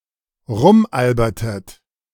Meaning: inflection of rumalbern: 1. second-person plural preterite 2. second-person plural subjunctive II
- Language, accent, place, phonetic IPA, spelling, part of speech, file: German, Germany, Berlin, [ˈʁʊmˌʔalbɐtət], rumalbertet, verb, De-rumalbertet.ogg